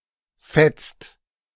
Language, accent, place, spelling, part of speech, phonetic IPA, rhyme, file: German, Germany, Berlin, fetzt, verb, [fɛt͡st], -ɛt͡st, De-fetzt.ogg
- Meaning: inflection of fetzen: 1. second-person singular/plural present 2. third-person singular present 3. plural imperative